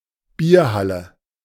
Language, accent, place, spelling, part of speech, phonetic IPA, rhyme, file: German, Germany, Berlin, Bierhalle, noun, [ˈbiːɐ̯ˌhalə], -iːɐ̯halə, De-Bierhalle.ogg
- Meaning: beer hall